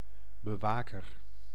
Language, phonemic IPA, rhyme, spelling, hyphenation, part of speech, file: Dutch, /bəˈʋaː.kər/, -aːkər, bewaker, be‧wa‧ker, noun, Nl-bewaker.ogg
- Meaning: guard (person who protects something)